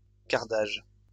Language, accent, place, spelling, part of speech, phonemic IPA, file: French, France, Lyon, cardage, noun, /kaʁ.daʒ/, LL-Q150 (fra)-cardage.wav
- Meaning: carding